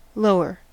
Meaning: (adjective) 1. comparative form of low: more low 2. Bottom; more towards the bottom than the middle of an object 3. Situated on lower ground, nearer a coast, or more southerly 4. Older
- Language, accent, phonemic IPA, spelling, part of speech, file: English, US, /ˈloʊ.ɚ/, lower, adjective / adverb / verb / noun, En-us-lower.ogg